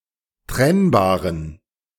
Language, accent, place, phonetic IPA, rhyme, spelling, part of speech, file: German, Germany, Berlin, [ˈtʁɛnbaːʁən], -ɛnbaːʁən, trennbaren, adjective, De-trennbaren.ogg
- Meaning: inflection of trennbar: 1. strong genitive masculine/neuter singular 2. weak/mixed genitive/dative all-gender singular 3. strong/weak/mixed accusative masculine singular 4. strong dative plural